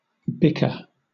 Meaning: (verb) 1. To quarrel in a tiresome, insulting manner 2. To brawl or move tremulously, quiver, shimmer (of a water stream, light, flame, etc.) 3. To patter 4. To skirmish; to exchange blows; to fight
- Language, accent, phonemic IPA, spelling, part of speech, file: English, Southern England, /ˈbɪkə/, bicker, verb / noun, LL-Q1860 (eng)-bicker.wav